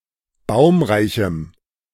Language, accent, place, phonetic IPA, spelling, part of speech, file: German, Germany, Berlin, [ˈbaʊ̯mʁaɪ̯çm̩], baumreichem, adjective, De-baumreichem.ogg
- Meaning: strong dative masculine/neuter singular of baumreich